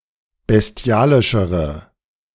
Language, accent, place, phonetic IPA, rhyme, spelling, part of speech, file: German, Germany, Berlin, [bɛsˈti̯aːlɪʃəʁə], -aːlɪʃəʁə, bestialischere, adjective, De-bestialischere.ogg
- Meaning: inflection of bestialisch: 1. strong/mixed nominative/accusative feminine singular comparative degree 2. strong nominative/accusative plural comparative degree